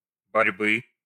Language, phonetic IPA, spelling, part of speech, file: Russian, [bɐrʲˈbɨ], борьбы, noun, Ru-борьбы.ogg
- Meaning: genitive singular of борьба́ (borʹbá)